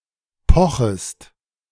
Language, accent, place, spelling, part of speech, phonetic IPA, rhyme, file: German, Germany, Berlin, pochest, verb, [ˈpɔxəst], -ɔxəst, De-pochest.ogg
- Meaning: second-person singular subjunctive I of pochen